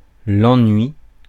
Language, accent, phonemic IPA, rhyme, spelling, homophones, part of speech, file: French, France, /ɑ̃.nɥi/, -ɥi, ennui, ennuie / ennuient / ennuies / ennuis, noun, Fr-ennui.ogg
- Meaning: 1. boredom; lassitude 2. trouble, issue, annoyance